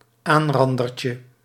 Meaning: diminutive of aanrander
- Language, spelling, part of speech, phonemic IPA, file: Dutch, aanrandertje, noun, /ˈanrɑndərcə/, Nl-aanrandertje.ogg